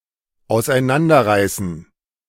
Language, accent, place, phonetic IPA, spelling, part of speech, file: German, Germany, Berlin, [aʊ̯sʔaɪ̯ˈnandɐˌʁaɪ̯sn̩], auseinanderreißen, verb, De-auseinanderreißen.ogg
- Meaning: to rip apart, tear apart, pull apart